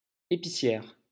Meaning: female equivalent of épicier: female grocer
- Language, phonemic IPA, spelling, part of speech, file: French, /e.pi.sjɛʁ/, épicière, noun, LL-Q150 (fra)-épicière.wav